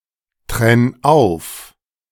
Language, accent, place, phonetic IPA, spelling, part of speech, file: German, Germany, Berlin, [ˌtʁɛn ˈaʊ̯f], trenn auf, verb, De-trenn auf.ogg
- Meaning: 1. singular imperative of auftrennen 2. first-person singular present of auftrennen